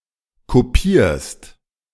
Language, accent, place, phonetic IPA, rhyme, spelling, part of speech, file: German, Germany, Berlin, [koˈpiːɐ̯st], -iːɐ̯st, kopierst, verb, De-kopierst.ogg
- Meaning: second-person singular present of kopieren